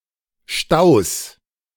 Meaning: 1. genitive singular of Stau 2. plural of Stau
- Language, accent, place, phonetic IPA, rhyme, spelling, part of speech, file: German, Germany, Berlin, [ʃtaʊ̯s], -aʊ̯s, Staus, noun, De-Staus.ogg